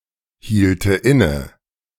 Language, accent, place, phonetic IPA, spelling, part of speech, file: German, Germany, Berlin, [ˌhiːltə ˈɪnə], hielte inne, verb, De-hielte inne.ogg
- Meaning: first/third-person singular subjunctive II of innehalten